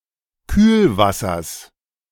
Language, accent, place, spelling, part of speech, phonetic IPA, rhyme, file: German, Germany, Berlin, Kühlwassers, noun, [ˈkyːlˌvasɐs], -yːlvasɐs, De-Kühlwassers.ogg
- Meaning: genitive singular of Kühlwasser